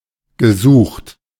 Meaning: past participle of suchen
- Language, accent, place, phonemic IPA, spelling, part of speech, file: German, Germany, Berlin, /ɡəˈzuːχt/, gesucht, verb, De-gesucht.ogg